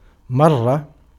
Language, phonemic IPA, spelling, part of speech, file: Arabic, /mar.ra/, مرة, noun, Ar-مرة.ogg
- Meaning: 1. a time, instance, occurrence 2. ellipsis of اِسْمُ مَرَّةٍ (ismu marratin)